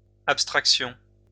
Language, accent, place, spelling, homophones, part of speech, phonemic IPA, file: French, France, Lyon, abstractions, abstraction, noun, /ap.stʁak.sjɔ̃/, LL-Q150 (fra)-abstractions.wav
- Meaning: plural of abstraction